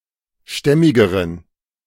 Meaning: inflection of stämmig: 1. strong genitive masculine/neuter singular comparative degree 2. weak/mixed genitive/dative all-gender singular comparative degree
- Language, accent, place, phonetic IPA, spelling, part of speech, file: German, Germany, Berlin, [ˈʃtɛmɪɡəʁən], stämmigeren, adjective, De-stämmigeren.ogg